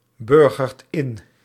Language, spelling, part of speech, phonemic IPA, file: Dutch, burgert in, verb, /ˈbʏrɣərt ˈɪn/, Nl-burgert in.ogg
- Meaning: inflection of inburgeren: 1. second/third-person singular present indicative 2. plural imperative